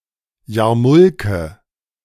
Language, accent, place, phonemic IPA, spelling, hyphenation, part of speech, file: German, Germany, Berlin, /ˈjaːɐ̯mʊlkə/, Jarmulke, Jar‧mul‧ke, noun, De-Jarmulke.ogg
- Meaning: yarmulke (Jewish head-covering)